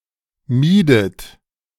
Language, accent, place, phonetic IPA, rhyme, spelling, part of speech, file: German, Germany, Berlin, [ˈmiːdət], -iːdət, miedet, verb, De-miedet.ogg
- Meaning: inflection of meiden: 1. second-person plural preterite 2. second-person plural subjunctive II